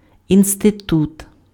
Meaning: institute, institution
- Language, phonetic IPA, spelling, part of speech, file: Ukrainian, [insteˈtut], інститут, noun, Uk-інститут.ogg